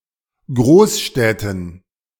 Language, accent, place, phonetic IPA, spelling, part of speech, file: German, Germany, Berlin, [ˈɡʁoːsˌʃtɛtn̩], Großstädten, noun, De-Großstädten.ogg
- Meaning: dative plural of Großstadt